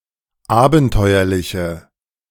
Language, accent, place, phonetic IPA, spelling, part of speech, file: German, Germany, Berlin, [ˈaːbn̩ˌtɔɪ̯ɐlɪçə], abenteuerliche, adjective, De-abenteuerliche.ogg
- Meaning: inflection of abenteuerlich: 1. strong/mixed nominative/accusative feminine singular 2. strong nominative/accusative plural 3. weak nominative all-gender singular